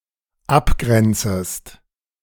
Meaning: second-person singular dependent subjunctive I of abgrenzen
- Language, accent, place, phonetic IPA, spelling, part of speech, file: German, Germany, Berlin, [ˈapˌɡʁɛnt͡səst], abgrenzest, verb, De-abgrenzest.ogg